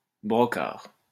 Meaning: 1. mockery, ridicule 2. brocard
- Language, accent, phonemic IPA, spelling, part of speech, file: French, France, /bʁɔ.kaʁ/, brocard, noun, LL-Q150 (fra)-brocard.wav